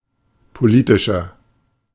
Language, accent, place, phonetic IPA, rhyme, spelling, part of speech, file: German, Germany, Berlin, [poˈliːtɪʃɐ], -iːtɪʃɐ, politischer, adjective, De-politischer.ogg
- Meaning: 1. comparative degree of politisch 2. inflection of politisch: strong/mixed nominative masculine singular 3. inflection of politisch: strong genitive/dative feminine singular